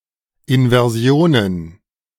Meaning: plural of Inversion
- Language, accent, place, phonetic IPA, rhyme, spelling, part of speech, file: German, Germany, Berlin, [ɪnvɛʁˈzi̯oːnən], -oːnən, Inversionen, noun, De-Inversionen.ogg